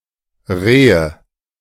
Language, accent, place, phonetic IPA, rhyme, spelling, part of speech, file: German, Germany, Berlin, [ˈʁeːə], -eːə, Rehe, noun, De-Rehe.ogg
- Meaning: nominative/accusative/genitive plural of Reh (“roe”)